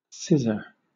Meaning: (noun) 1. Attributive form of scissors 2. One blade of a pair of scissors 3. Scissors; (verb) 1. To cut using, or as if using, scissors 2. To excise or expunge something from a text
- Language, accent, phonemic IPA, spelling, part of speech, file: English, Southern England, /ˈsɪzə/, scissor, noun / verb, LL-Q1860 (eng)-scissor.wav